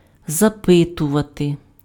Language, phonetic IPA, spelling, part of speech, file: Ukrainian, [zɐˈpɪtʊʋɐte], запитувати, verb, Uk-запитувати.ogg
- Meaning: to ask, to inquire